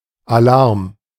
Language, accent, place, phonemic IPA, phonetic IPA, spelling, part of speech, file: German, Germany, Berlin, /aˈlaʁm/, [aˈlaɐ̯m], Alarm, noun, De-Alarm.ogg
- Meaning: alert, alarm